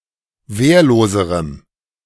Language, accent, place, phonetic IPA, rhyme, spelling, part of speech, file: German, Germany, Berlin, [ˈveːɐ̯loːzəʁəm], -eːɐ̯loːzəʁəm, wehrloserem, adjective, De-wehrloserem.ogg
- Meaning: strong dative masculine/neuter singular comparative degree of wehrlos